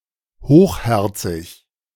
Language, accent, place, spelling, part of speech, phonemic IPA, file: German, Germany, Berlin, hochherzig, adjective, /ˈhoːχˌhɛʁt͡sɪç/, De-hochherzig.ogg
- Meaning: magnanimous, generous, noble